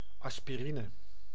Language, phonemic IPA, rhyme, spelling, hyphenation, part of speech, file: Dutch, /ˌɑs.piˈri.nə/, -inə, aspirine, as‧pi‧ri‧ne, noun, Nl-aspirine.ogg
- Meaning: 1. aspirin 2. any tranquilizer 3. any painkiller